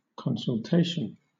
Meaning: 1. The act of consulting 2. A conference for the exchange of information and advice 3. An appointment or meeting with a professional person, such as a doctor
- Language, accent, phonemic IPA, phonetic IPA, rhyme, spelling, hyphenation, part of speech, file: English, Southern England, /ˌkɒnsəlˈteɪʃən/, [ˌkɒnsɫ̩ˈteɪʃn̩], -eɪʃən, consultation, con‧sul‧ta‧tion, noun, LL-Q1860 (eng)-consultation.wav